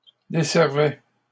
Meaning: first/second-person singular imperfect indicative of desservir
- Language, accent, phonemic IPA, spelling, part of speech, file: French, Canada, /de.sɛʁ.vɛ/, desservais, verb, LL-Q150 (fra)-desservais.wav